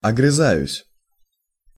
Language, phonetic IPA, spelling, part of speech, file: Russian, [ɐɡrɨˈzajʉsʲ], огрызаюсь, verb, Ru-огрызаюсь.ogg
- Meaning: first-person singular present indicative imperfective of огрыза́ться (ogryzátʹsja)